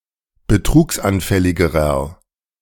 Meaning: inflection of betrugsanfällig: 1. strong/mixed nominative masculine singular comparative degree 2. strong genitive/dative feminine singular comparative degree
- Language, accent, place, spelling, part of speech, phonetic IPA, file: German, Germany, Berlin, betrugsanfälligerer, adjective, [bəˈtʁuːksʔanˌfɛlɪɡəʁɐ], De-betrugsanfälligerer.ogg